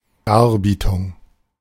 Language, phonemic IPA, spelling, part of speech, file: German, /ˈdaːʁˌbiːtʊŋ/, Darbietung, noun, De-Darbietung.oga
- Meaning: 1. performance 2. skit